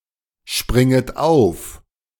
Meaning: second-person plural subjunctive I of aufspringen
- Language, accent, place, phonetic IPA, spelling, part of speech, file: German, Germany, Berlin, [ˌʃpʁɪŋət ˈaʊ̯f], springet auf, verb, De-springet auf.ogg